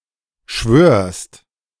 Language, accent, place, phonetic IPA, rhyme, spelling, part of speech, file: German, Germany, Berlin, [ʃvøːɐ̯st], -øːɐ̯st, schwörst, verb, De-schwörst.ogg
- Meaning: second-person singular present of schwören